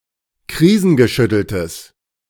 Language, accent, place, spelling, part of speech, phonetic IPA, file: German, Germany, Berlin, krisengeschütteltes, adjective, [ˈkʁiːzn̩ɡəˌʃʏtl̩təs], De-krisengeschütteltes.ogg
- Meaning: strong/mixed nominative/accusative neuter singular of krisengeschüttelt